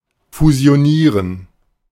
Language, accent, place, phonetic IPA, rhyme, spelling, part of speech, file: German, Germany, Berlin, [fuzi̯oˈniːʁən], -iːʁən, fusionieren, verb, De-fusionieren.ogg
- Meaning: to fusion